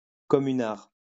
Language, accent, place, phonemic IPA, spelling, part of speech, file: French, France, Lyon, /kɔ.my.naʁ/, communard, noun, LL-Q150 (fra)-communard.wav
- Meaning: 1. Communard 2. a drink made from red wine and crème de cassis 3. a kitchen worker who prepares meals for the restaurant staff